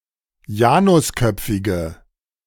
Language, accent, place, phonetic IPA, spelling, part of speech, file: German, Germany, Berlin, [ˈjaːnʊsˌkœp͡fɪɡə], janusköpfige, adjective, De-janusköpfige.ogg
- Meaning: inflection of janusköpfig: 1. strong/mixed nominative/accusative feminine singular 2. strong nominative/accusative plural 3. weak nominative all-gender singular